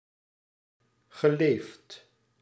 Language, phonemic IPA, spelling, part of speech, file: Dutch, /ɣəˈleft/, geleefd, verb, Nl-geleefd.ogg
- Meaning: past participle of leven